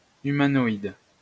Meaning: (adjective) humanoid; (noun) a humanoid
- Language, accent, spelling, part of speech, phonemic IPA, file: French, France, humanoïde, adjective / noun, /y.ma.nɔ.id/, LL-Q150 (fra)-humanoïde.wav